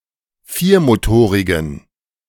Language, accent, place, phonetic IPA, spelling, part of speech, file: German, Germany, Berlin, [ˈfiːɐ̯moˌtoːʁɪɡn̩], viermotorigen, adjective, De-viermotorigen.ogg
- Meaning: inflection of viermotorig: 1. strong genitive masculine/neuter singular 2. weak/mixed genitive/dative all-gender singular 3. strong/weak/mixed accusative masculine singular 4. strong dative plural